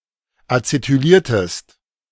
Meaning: inflection of acetylieren: 1. second-person singular preterite 2. second-person singular subjunctive II
- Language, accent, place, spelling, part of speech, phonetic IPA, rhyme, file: German, Germany, Berlin, acetyliertest, verb, [at͡setyˈliːɐ̯təst], -iːɐ̯təst, De-acetyliertest.ogg